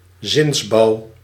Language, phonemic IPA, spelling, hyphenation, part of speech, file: Dutch, /ˈzɪns.bɑu̯/, zinsbouw, zins‧bouw, noun, Nl-zinsbouw.ogg
- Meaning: syntax, sentence structure (grammatical structure)